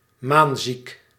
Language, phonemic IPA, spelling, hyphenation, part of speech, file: Dutch, /ˈmaːn.zik/, maanziek, maan‧ziek, adjective, Nl-maanziek.ogg
- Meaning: 1. epileptic 2. lunatic, silly